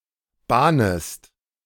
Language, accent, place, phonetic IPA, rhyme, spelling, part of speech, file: German, Germany, Berlin, [ˈbaːnəst], -aːnəst, bahnest, verb, De-bahnest.ogg
- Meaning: second-person singular subjunctive I of bahnen